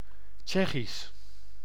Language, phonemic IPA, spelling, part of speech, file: Dutch, /ˈtʃɛxis/, Tsjechisch, adjective / proper noun, Nl-Tsjechisch.ogg
- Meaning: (adjective) Czech; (proper noun) Czech (language)